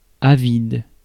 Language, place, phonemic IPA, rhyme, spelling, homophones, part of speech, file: French, Paris, /a.vid/, -id, avide, avides, adjective, Fr-avide.ogg
- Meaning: 1. avid, eager, desirous 2. greedy, grasping